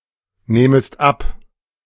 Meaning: second-person singular subjunctive I of abnehmen
- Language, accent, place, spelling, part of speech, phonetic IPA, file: German, Germany, Berlin, nehmest ab, verb, [ˌneːməst ˈap], De-nehmest ab.ogg